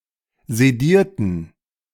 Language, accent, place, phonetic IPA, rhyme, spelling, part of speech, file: German, Germany, Berlin, [zeˈdiːɐ̯tn̩], -iːɐ̯tn̩, sedierten, adjective / verb, De-sedierten.ogg
- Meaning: inflection of sedieren: 1. first/third-person plural preterite 2. first/third-person plural subjunctive II